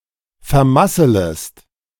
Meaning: second-person singular subjunctive I of vermasseln
- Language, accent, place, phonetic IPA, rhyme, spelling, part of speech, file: German, Germany, Berlin, [fɛɐ̯ˈmasələst], -asələst, vermasselest, verb, De-vermasselest.ogg